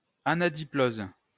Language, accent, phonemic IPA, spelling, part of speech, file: French, France, /a.na.di.ploz/, anadiplose, noun, LL-Q150 (fra)-anadiplose.wav
- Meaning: anadiplosis